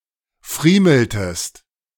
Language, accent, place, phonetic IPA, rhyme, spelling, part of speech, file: German, Germany, Berlin, [ˈfʁiːml̩təst], -iːml̩təst, friemeltest, verb, De-friemeltest.ogg
- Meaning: inflection of friemeln: 1. second-person singular preterite 2. second-person singular subjunctive II